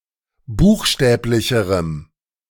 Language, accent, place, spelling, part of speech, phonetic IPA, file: German, Germany, Berlin, buchstäblicherem, adjective, [ˈbuːxˌʃtɛːplɪçəʁəm], De-buchstäblicherem.ogg
- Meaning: strong dative masculine/neuter singular comparative degree of buchstäblich